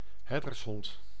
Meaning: sheepdog (dog (breed) used for herding herds)
- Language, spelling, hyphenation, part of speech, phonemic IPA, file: Dutch, herdershond, her‧ders‧hond, noun, /ˈɦɛr.dərsˌɦɔnt/, Nl-herdershond.ogg